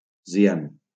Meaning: cyan
- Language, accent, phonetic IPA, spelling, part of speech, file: Catalan, Valencia, [siˈan], cian, noun, LL-Q7026 (cat)-cian.wav